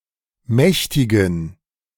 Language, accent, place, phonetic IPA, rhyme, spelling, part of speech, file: German, Germany, Berlin, [ˈmɛçtɪɡn̩], -ɛçtɪɡn̩, mächtigen, adjective, De-mächtigen.ogg
- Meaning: inflection of mächtig: 1. strong genitive masculine/neuter singular 2. weak/mixed genitive/dative all-gender singular 3. strong/weak/mixed accusative masculine singular 4. strong dative plural